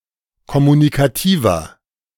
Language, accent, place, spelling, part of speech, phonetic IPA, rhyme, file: German, Germany, Berlin, kommunikativer, adjective, [kɔmunikaˈtiːvɐ], -iːvɐ, De-kommunikativer.ogg
- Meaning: 1. comparative degree of kommunikativ 2. inflection of kommunikativ: strong/mixed nominative masculine singular 3. inflection of kommunikativ: strong genitive/dative feminine singular